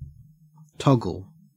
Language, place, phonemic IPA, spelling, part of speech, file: English, Queensland, /ˈtɔɡ.əl/, toggle, noun / verb, En-au-toggle.ogg
- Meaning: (noun) A wooden or metal pin, short rod, crosspiece or similar, fixed transversely in the eye of a rope or chain to be secured to any other loop, ring, or bight, e.g. a sea painter to a lifeboat